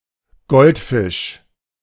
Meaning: goldfish, Carassius auratus
- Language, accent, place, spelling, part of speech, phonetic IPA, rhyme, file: German, Germany, Berlin, Goldfisch, noun, [ˈɡɔltfɪʃ], -ɪʃ, De-Goldfisch.ogg